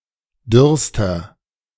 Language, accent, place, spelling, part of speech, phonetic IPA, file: German, Germany, Berlin, dürrster, adjective, [ˈdʏʁstɐ], De-dürrster.ogg
- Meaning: inflection of dürr: 1. strong/mixed nominative masculine singular superlative degree 2. strong genitive/dative feminine singular superlative degree 3. strong genitive plural superlative degree